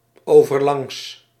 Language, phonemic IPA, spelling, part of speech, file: Dutch, /ˌovərˈlɑŋs/, overlangs, adverb, Nl-overlangs.ogg
- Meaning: longitudinal